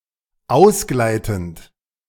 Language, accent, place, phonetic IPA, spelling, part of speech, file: German, Germany, Berlin, [ˈaʊ̯sˌɡlaɪ̯tn̩t], ausgleitend, verb, De-ausgleitend.ogg
- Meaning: present participle of ausgleiten